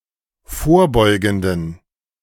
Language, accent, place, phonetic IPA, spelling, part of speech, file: German, Germany, Berlin, [ˈfoːɐ̯ˌbɔɪ̯ɡn̩dən], vorbeugenden, adjective, De-vorbeugenden.ogg
- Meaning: inflection of vorbeugend: 1. strong genitive masculine/neuter singular 2. weak/mixed genitive/dative all-gender singular 3. strong/weak/mixed accusative masculine singular 4. strong dative plural